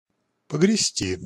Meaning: 1. to row (a little) 2. to bury
- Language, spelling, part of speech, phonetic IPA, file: Russian, погрести, verb, [pəɡrʲɪˈsʲtʲi], Ru-погрести.ogg